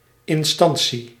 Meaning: 1. authority 2. agency, bureau 3. instance (only in limited contexts)
- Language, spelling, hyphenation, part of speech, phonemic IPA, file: Dutch, instantie, in‧stan‧tie, noun, /ˌɪnˈstɑn.si/, Nl-instantie.ogg